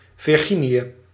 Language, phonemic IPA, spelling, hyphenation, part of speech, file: Dutch, /vɪrˈɣi.ni.ə/, Virginië, Vir‧gi‧nië, proper noun, Nl-Virginië.ogg
- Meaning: Virginia, a U.S. state